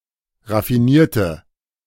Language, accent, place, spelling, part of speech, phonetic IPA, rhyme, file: German, Germany, Berlin, raffinierte, adjective / verb, [ʁafiˈniːɐ̯tə], -iːɐ̯tə, De-raffinierte.ogg
- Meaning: inflection of raffinieren: 1. first/third-person singular preterite 2. first/third-person singular subjunctive II